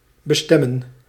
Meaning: to intend, destine
- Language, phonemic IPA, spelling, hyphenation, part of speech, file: Dutch, /bəˈstɛmə(n)/, bestemmen, be‧stem‧men, verb, Nl-bestemmen.ogg